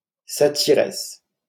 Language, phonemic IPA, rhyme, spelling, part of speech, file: French, /sa.ti.ʁɛs/, -ɛs, satyresse, noun, LL-Q150 (fra)-satyresse.wav
- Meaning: female equivalent of satyre